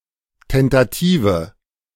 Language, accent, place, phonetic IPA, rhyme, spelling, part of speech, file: German, Germany, Berlin, [ˌtɛntaˈtiːvə], -iːvə, tentative, adjective, De-tentative.ogg
- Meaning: inflection of tentativ: 1. strong/mixed nominative/accusative feminine singular 2. strong nominative/accusative plural 3. weak nominative all-gender singular